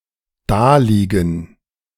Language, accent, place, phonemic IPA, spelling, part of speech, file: German, Germany, Berlin, /ˈdaːliːɡn̩/, daliegen, verb, De-daliegen.ogg
- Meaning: to lie there